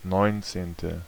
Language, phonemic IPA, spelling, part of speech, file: German, /ˈnɔɪ̯ntseːntə/, neunzehnte, adjective, De-neunzehnte.ogg
- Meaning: nineteenth